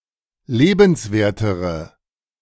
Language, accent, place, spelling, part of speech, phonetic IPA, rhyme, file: German, Germany, Berlin, lebenswertere, adjective, [ˈleːbn̩sˌveːɐ̯təʁə], -eːbn̩sveːɐ̯təʁə, De-lebenswertere.ogg
- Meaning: inflection of lebenswert: 1. strong/mixed nominative/accusative feminine singular comparative degree 2. strong nominative/accusative plural comparative degree